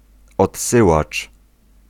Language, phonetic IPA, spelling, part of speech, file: Polish, [ɔtˈsɨwat͡ʃ], odsyłacz, noun, Pl-odsyłacz.ogg